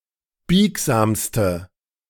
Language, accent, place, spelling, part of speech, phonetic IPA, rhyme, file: German, Germany, Berlin, biegsamste, adjective, [ˈbiːkzaːmstə], -iːkzaːmstə, De-biegsamste.ogg
- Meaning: inflection of biegsam: 1. strong/mixed nominative/accusative feminine singular superlative degree 2. strong nominative/accusative plural superlative degree